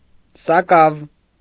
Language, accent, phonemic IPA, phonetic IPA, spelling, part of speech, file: Armenian, Eastern Armenian, /sɑˈkɑv/, [sɑkɑ́v], սակավ, adjective / adverb, Hy-սակավ.ogg
- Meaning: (adjective) few, little; rare; scarce; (adverb) little, some, not much; rarely